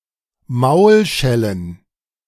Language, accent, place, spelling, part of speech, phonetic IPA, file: German, Germany, Berlin, Maulschellen, noun, [ˈmaʊ̯lʃɛlən], De-Maulschellen.ogg
- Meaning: plural of Maulschelle